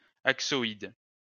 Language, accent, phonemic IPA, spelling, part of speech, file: French, France, /ak.sɔ.id/, axoïde, adjective / noun, LL-Q150 (fra)-axoïde.wav
- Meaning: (adjective) axoid